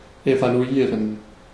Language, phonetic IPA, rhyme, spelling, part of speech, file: German, [evaluˈiːʁən], -iːʁən, evaluieren, verb, De-evaluieren.ogg
- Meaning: to evaluate